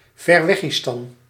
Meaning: a proverbially obscure, far away country; Timbuktu, Outer Mongolia
- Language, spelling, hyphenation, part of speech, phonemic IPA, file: Dutch, Verweggistan, Ver‧weg‧gi‧stan, proper noun, /vɛrˈʋɛɣistɑn/, Nl-Verweggistan.ogg